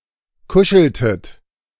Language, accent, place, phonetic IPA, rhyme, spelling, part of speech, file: German, Germany, Berlin, [ˈkʊʃl̩tət], -ʊʃl̩tət, kuscheltet, verb, De-kuscheltet.ogg
- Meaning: inflection of kuscheln: 1. second-person plural preterite 2. second-person plural subjunctive II